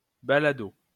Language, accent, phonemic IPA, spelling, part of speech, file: French, France, /ba.la.do/, balado, noun, LL-Q150 (fra)-balado.wav
- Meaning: podcast